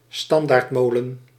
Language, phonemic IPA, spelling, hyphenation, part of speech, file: Dutch, /ˈstɑn.daːrtˌmoː.lə(n)/, standaardmolen, stan‧daard‧mo‧len, noun, Nl-standaardmolen.ogg
- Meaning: alternative form of standerdmolen